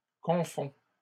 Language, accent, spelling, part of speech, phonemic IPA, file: French, Canada, confond, verb, /kɔ̃.fɔ̃/, LL-Q150 (fra)-confond.wav
- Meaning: third-person singular present indicative of confondre